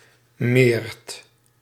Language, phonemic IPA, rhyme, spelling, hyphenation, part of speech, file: Dutch, /meːrt/, -eːrt, meert, meert, noun, Nl-meert.ogg
- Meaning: polecat